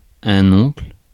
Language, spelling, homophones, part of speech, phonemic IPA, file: French, oncle, oncles, noun, /ɔ̃kl/, Fr-oncle.ogg
- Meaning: uncle